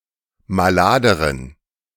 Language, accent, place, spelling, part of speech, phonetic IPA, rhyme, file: German, Germany, Berlin, maladeren, adjective, [maˈlaːdəʁən], -aːdəʁən, De-maladeren.ogg
- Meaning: inflection of malad: 1. strong genitive masculine/neuter singular comparative degree 2. weak/mixed genitive/dative all-gender singular comparative degree